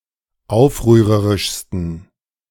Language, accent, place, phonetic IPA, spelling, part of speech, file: German, Germany, Berlin, [ˈaʊ̯fʁyːʁəʁɪʃstn̩], aufrührerischsten, adjective, De-aufrührerischsten.ogg
- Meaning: 1. superlative degree of aufrührerisch 2. inflection of aufrührerisch: strong genitive masculine/neuter singular superlative degree